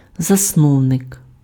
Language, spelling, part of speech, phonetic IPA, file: Ukrainian, засновник, noun, [zɐsˈnɔu̯nek], Uk-засновник.ogg
- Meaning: founder (one who founds or establishes)